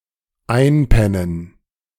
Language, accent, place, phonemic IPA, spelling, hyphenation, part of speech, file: German, Germany, Berlin, /ˈaɪ̯npɛnən/, einpennen, ein‧pen‧nen, verb, De-einpennen.ogg
- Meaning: to fall asleep, to doze off, to drop off, to nod off, to conk out